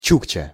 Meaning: 1. Chukchi (by ethnicity) 2. a naive and primitive person, especially with a mongoloid phenotype. (in sound analogy of чурка (čurka) and чучмек (čučmek))
- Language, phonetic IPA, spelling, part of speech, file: Russian, [ˈt͡ɕukt͡ɕə], чукча, noun, Ru-чукча.ogg